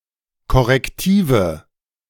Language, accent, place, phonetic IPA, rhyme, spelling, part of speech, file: German, Germany, Berlin, [kɔʁɛkˈtiːvə], -iːvə, korrektive, adjective, De-korrektive.ogg
- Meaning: inflection of korrektiv: 1. strong/mixed nominative/accusative feminine singular 2. strong nominative/accusative plural 3. weak nominative all-gender singular